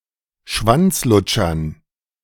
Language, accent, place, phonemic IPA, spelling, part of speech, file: German, Germany, Berlin, /ˈʃvantsˌlʊtʃɐn/, Schwanzlutschern, noun, De-Schwanzlutschern.ogg
- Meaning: dative plural of Schwanzlutscher